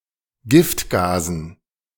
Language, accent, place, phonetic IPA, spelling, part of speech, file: German, Germany, Berlin, [ˈɡɪftˌɡaːzn̩], Giftgasen, noun, De-Giftgasen.ogg
- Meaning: dative plural of Giftgas